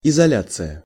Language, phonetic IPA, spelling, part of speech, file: Russian, [ɪzɐˈlʲat͡sɨjə], изоляция, noun, Ru-изоляция.ogg
- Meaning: 1. isolation 2. insulation